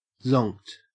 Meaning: 1. Extremely fatigued 2. Deeply asleep 3. Drunk; intoxicated
- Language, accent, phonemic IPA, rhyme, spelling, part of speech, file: English, Australia, /zɒŋkt/, -ɒŋkt, zonked, adjective, En-au-zonked.ogg